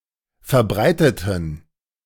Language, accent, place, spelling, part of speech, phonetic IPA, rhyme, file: German, Germany, Berlin, verbreiteten, adjective, [fɛɐ̯ˈbʁaɪ̯tətn̩], -aɪ̯tətn̩, De-verbreiteten.ogg
- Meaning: inflection of verbreitet: 1. strong genitive masculine/neuter singular 2. weak/mixed genitive/dative all-gender singular 3. strong/weak/mixed accusative masculine singular 4. strong dative plural